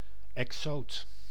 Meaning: an exotic species, an introduced species, an exotic
- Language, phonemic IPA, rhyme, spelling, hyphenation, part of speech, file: Dutch, /ɛkˈsoːt/, -oːt, exoot, ex‧oot, noun, Nl-exoot.ogg